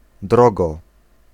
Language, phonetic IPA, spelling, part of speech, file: Polish, [ˈdrɔɡɔ], drogo, adverb / noun, Pl-drogo.ogg